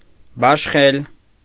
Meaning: 1. to allocate 2. to distribute, to allot
- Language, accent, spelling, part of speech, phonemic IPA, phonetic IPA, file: Armenian, Eastern Armenian, բաշխել, verb, /bɑʃˈχel/, [bɑʃχél], Hy-բաշխել.ogg